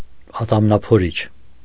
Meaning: toothpick
- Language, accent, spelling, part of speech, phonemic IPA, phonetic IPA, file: Armenian, Eastern Armenian, ատամնափորիչ, noun, /ɑtɑmnɑpʰoˈɾit͡ʃʰ/, [ɑtɑmnɑpʰoɾít͡ʃʰ], Hy-ատամնափորիչ.ogg